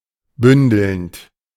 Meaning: present participle of bündeln
- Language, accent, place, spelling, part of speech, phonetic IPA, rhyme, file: German, Germany, Berlin, bündelnd, verb, [ˈbʏndl̩nt], -ʏndl̩nt, De-bündelnd.ogg